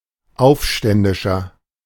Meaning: 1. insurgent, rebel 2. inflection of Aufständische: strong genitive/dative singular 3. inflection of Aufständische: strong genitive plural
- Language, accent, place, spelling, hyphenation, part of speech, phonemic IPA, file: German, Germany, Berlin, Aufständischer, Auf‧stän‧di‧scher, noun, /ˈaʊ̯fˌʃtɛndɪʃɐ/, De-Aufständischer.ogg